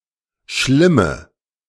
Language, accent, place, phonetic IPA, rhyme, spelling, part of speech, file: German, Germany, Berlin, [ˈʃlɪmə], -ɪmə, schlimme, adjective, De-schlimme.ogg
- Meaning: inflection of schlimm: 1. strong/mixed nominative/accusative feminine singular 2. strong nominative/accusative plural 3. weak nominative all-gender singular 4. weak accusative feminine/neuter singular